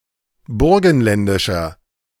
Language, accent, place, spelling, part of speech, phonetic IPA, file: German, Germany, Berlin, burgenländischer, adjective, [ˈbʊʁɡn̩ˌlɛndɪʃɐ], De-burgenländischer.ogg
- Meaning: inflection of burgenländisch: 1. strong/mixed nominative masculine singular 2. strong genitive/dative feminine singular 3. strong genitive plural